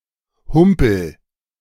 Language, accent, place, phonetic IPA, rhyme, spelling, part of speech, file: German, Germany, Berlin, [ˈhʊmpl̩], -ʊmpl̩, humpel, verb, De-humpel.ogg
- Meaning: inflection of humpeln: 1. first-person singular present 2. singular imperative